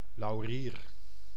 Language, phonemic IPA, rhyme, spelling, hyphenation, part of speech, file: Dutch, /lɑu̯ˈriːr/, -iːr, laurier, lau‧rier, noun, Nl-laurier.ogg
- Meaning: laurel (Laurus nobilis)